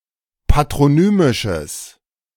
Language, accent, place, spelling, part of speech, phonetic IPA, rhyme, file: German, Germany, Berlin, patronymisches, adjective, [patʁoˈnyːmɪʃəs], -yːmɪʃəs, De-patronymisches.ogg
- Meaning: strong/mixed nominative/accusative neuter singular of patronymisch